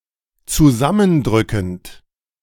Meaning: present participle of zusammendrücken
- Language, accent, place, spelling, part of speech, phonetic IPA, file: German, Germany, Berlin, zusammendrückend, verb, [t͡suˈzamənˌdʁʏkn̩t], De-zusammendrückend.ogg